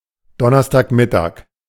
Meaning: Thursday noon
- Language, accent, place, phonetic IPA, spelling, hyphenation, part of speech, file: German, Germany, Berlin, [ˈdɔnɐstaːkˌmɪtaːk], Donnerstagmittag, Don‧ners‧tag‧mit‧tag, noun, De-Donnerstagmittag.ogg